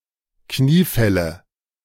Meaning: nominative/accusative/genitive plural of Kniefall
- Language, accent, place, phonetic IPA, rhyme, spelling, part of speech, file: German, Germany, Berlin, [ˈkniːˌfɛlə], -iːfɛlə, Kniefälle, noun, De-Kniefälle.ogg